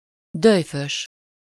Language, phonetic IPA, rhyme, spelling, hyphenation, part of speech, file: Hungarian, [ˈdøjføʃ], -øʃ, dölyfös, döly‧fös, adjective, Hu-dölyfös.ogg
- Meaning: arrogant, haughty, supercilious (having excessive pride in oneself, often with contempt or disrespect for others; arrogantly superior)